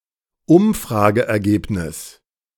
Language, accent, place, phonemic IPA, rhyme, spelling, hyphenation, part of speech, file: German, Germany, Berlin, /ˈʊmfʁaːɡəʔɛɐ̯ˌɡeːpnɪs/, -ɪs, Umfrageergebnis, Um‧fra‧ge‧er‧geb‧nis, noun, De-Umfrageergebnis.ogg
- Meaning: poll result, survey result